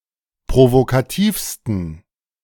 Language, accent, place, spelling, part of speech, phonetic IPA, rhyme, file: German, Germany, Berlin, provokativsten, adjective, [pʁovokaˈtiːfstn̩], -iːfstn̩, De-provokativsten.ogg
- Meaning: 1. superlative degree of provokativ 2. inflection of provokativ: strong genitive masculine/neuter singular superlative degree